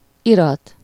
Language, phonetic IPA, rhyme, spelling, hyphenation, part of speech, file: Hungarian, [ˈirɒt], -ɒt, irat, irat, noun, Hu-irat.ogg
- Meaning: 1. document 2. documentation, papers